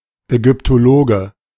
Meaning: Egyptologist (male or of unspecified gender)
- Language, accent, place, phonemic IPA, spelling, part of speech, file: German, Germany, Berlin, /ɛɡʏptoˈloːɡə/, Ägyptologe, noun, De-Ägyptologe.ogg